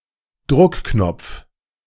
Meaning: 1. snap fastener, press stud 2. push button
- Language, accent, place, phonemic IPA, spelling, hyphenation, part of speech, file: German, Germany, Berlin, /ˈdʁʊkˌknɔpf/, Druckknopf, Druck‧knopf, noun, De-Druckknopf.ogg